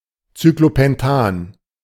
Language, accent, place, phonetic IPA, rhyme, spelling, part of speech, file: German, Germany, Berlin, [t͡syklopɛnˈtaːn], -aːn, Cyclopentan, noun, De-Cyclopentan.ogg
- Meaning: cyclopentane